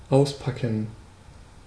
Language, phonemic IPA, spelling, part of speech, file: German, /ˈaʊ̯sˌpakn̩/, auspacken, verb, De-auspacken.ogg
- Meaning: 1. to unbox, to unpack, to unwrap (a package, gift, etc.) 2. to come clean, to tell all, to reveal all, to spill the beans